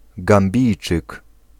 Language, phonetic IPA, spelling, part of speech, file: Polish, [ɡãmˈbʲijt͡ʃɨk], Gambijczyk, noun, Pl-Gambijczyk.ogg